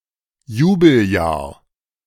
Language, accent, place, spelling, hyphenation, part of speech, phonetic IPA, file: German, Germany, Berlin, Jubeljahr, Ju‧bel‧jahr, noun, [ˈjuːbl̩ˌjaːɐ̯], De-Jubeljahr.ogg
- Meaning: Jubilee